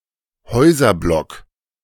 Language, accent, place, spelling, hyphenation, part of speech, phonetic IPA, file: German, Germany, Berlin, Häuserblock, Häu‧ser‧block, noun, [ˈhɔɪ̯zɐˌblɔk], De-Häuserblock.ogg
- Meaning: city block, residential block, urban block